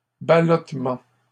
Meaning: rocking; tossing (of boat)
- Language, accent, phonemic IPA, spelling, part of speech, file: French, Canada, /ba.lɔt.mɑ̃/, ballottement, noun, LL-Q150 (fra)-ballottement.wav